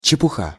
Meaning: 1. nonsense, rubbish 2. trifle
- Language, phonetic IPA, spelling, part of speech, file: Russian, [t͡ɕɪpʊˈxa], чепуха, noun, Ru-чепуха.ogg